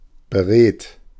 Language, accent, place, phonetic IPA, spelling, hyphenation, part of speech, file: German, Germany, Berlin, [bəˈʁeːt], beredt, be‧redt, adjective, De-beredt.ogg
- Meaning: 1. eloquent 2. meaningful 3. expressive